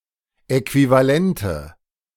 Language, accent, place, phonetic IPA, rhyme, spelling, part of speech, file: German, Germany, Berlin, [ɛkvivaˈlɛntə], -ɛntə, Äquivalente, noun, De-Äquivalente.ogg
- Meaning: plural of Äquivalent